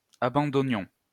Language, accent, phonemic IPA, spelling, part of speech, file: French, France, /a.bɑ̃.dɔ.njɔ̃/, abandonnions, verb, LL-Q150 (fra)-abandonnions.wav
- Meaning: inflection of abandonner: 1. first-person plural imperfect indicative 2. first-person plural present subjunctive